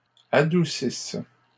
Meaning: inflection of adoucir: 1. third-person plural present indicative/subjunctive 2. third-person plural imperfect subjunctive
- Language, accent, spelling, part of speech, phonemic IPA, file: French, Canada, adoucissent, verb, /a.du.sis/, LL-Q150 (fra)-adoucissent.wav